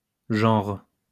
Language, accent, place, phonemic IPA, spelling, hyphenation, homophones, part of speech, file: French, France, Lyon, /ʒɑ̃ʁ/, genres, genres, genre, noun, LL-Q150 (fra)-genres.wav
- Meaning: plural of genre